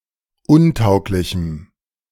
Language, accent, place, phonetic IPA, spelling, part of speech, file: German, Germany, Berlin, [ˈʊnˌtaʊ̯klɪçm̩], untauglichem, adjective, De-untauglichem.ogg
- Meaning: strong dative masculine/neuter singular of untauglich